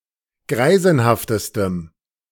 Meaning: strong dative masculine/neuter singular superlative degree of greisenhaft
- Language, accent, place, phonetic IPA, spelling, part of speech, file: German, Germany, Berlin, [ˈɡʁaɪ̯zn̩haftəstəm], greisenhaftestem, adjective, De-greisenhaftestem.ogg